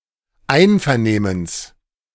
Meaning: genitive singular of Einvernehmen
- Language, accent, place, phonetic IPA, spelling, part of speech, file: German, Germany, Berlin, [ˈaɪ̯nfɛɐ̯ˌneːməns], Einvernehmens, noun, De-Einvernehmens.ogg